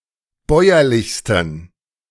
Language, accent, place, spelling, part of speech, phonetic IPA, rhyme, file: German, Germany, Berlin, bäuerlichsten, adjective, [ˈbɔɪ̯ɐlɪçstn̩], -ɔɪ̯ɐlɪçstn̩, De-bäuerlichsten.ogg
- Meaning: 1. superlative degree of bäuerlich 2. inflection of bäuerlich: strong genitive masculine/neuter singular superlative degree